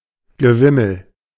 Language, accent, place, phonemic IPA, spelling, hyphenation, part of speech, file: German, Germany, Berlin, /ɡəˈvɪml̩/, Gewimmel, Ge‧wim‧mel, noun, De-Gewimmel.ogg
- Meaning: bustle, swarm